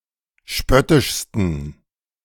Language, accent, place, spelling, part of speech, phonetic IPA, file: German, Germany, Berlin, spöttischsten, adjective, [ˈʃpœtɪʃstn̩], De-spöttischsten.ogg
- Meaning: 1. superlative degree of spöttisch 2. inflection of spöttisch: strong genitive masculine/neuter singular superlative degree